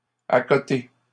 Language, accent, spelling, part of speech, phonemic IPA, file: French, Canada, accoter, verb, /a.kɔ.te/, LL-Q150 (fra)-accoter.wav
- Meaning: 1. to lean 2. to support, to rest (on) 3. to equal